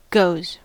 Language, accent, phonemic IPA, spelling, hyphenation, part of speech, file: English, General American, /ɡoʊz/, goes, goes, verb / noun, En-us-goes.ogg
- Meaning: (verb) third-person singular simple present indicative of go; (noun) plural of go